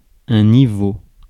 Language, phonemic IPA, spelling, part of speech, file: French, /ni.vo/, niveau, noun, Fr-niveau.ogg
- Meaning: 1. level (general) 2. level (measuring instrument) 3. level, the stage of a video game